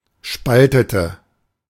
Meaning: inflection of spalten: 1. first/third-person singular preterite 2. first/third-person singular subjunctive II
- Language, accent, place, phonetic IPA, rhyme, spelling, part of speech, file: German, Germany, Berlin, [ˈʃpaltətə], -altətə, spaltete, verb, De-spaltete.ogg